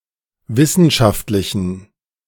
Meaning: inflection of wissenschaftlich: 1. strong genitive masculine/neuter singular 2. weak/mixed genitive/dative all-gender singular 3. strong/weak/mixed accusative masculine singular
- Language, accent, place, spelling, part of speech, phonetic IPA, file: German, Germany, Berlin, wissenschaftlichen, adjective, [ˈvɪsn̩ʃaftlɪçn̩], De-wissenschaftlichen.ogg